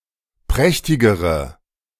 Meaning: inflection of prächtig: 1. strong/mixed nominative/accusative feminine singular comparative degree 2. strong nominative/accusative plural comparative degree
- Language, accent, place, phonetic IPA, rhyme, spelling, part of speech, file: German, Germany, Berlin, [ˈpʁɛçtɪɡəʁə], -ɛçtɪɡəʁə, prächtigere, adjective, De-prächtigere.ogg